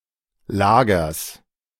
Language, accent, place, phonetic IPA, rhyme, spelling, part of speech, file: German, Germany, Berlin, [ˈlaːɡɐs], -aːɡɐs, Lagers, noun, De-Lagers.ogg
- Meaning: genitive singular of Lager